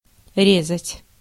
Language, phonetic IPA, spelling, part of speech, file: Russian, [ˈrʲezətʲ], резать, verb, Ru-резать.ogg
- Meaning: 1. to cut up, to cut open, to slice, to carve 2. to slaughter, to knife, to kill 3. to carve, to cut, to engrave 4. to cut off, to slice, to chop 5. to give a failing grade 6. to hurt, to cut into